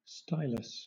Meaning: An ancient writing implement consisting of a small rod with a pointed end for scratching letters on clay, wax-covered tablets or other surfaces, and a blunt end for obliterating them
- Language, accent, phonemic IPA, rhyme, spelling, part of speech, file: English, Southern England, /ˈstaɪ.ləs/, -aɪləs, stylus, noun, LL-Q1860 (eng)-stylus.wav